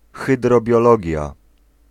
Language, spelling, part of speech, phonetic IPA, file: Polish, hydrobiologia, noun, [ˌxɨdrɔbʲjɔˈlɔɟja], Pl-hydrobiologia.ogg